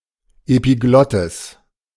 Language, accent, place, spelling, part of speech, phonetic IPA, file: German, Germany, Berlin, Epiglottis, noun, [epiˈɡlɔtɪs], De-Epiglottis.ogg
- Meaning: epiglottis